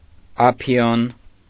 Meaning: opium
- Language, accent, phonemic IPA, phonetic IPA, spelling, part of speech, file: Armenian, Eastern Armenian, /ɑˈpʰjon/, [ɑpʰjón], ափիոն, noun, Hy-ափիոն.ogg